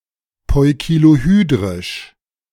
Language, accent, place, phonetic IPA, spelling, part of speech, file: German, Germany, Berlin, [ˌpɔɪ̯kiloˈhyːdʁɪʃ], poikilohydrisch, adjective, De-poikilohydrisch.ogg
- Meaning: poikilohydric (plants that cannot prevent desiccation)